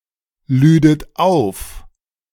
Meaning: second-person plural subjunctive II of aufladen
- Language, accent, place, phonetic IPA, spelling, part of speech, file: German, Germany, Berlin, [ˌlyːdət ˈaʊ̯f], lüdet auf, verb, De-lüdet auf.ogg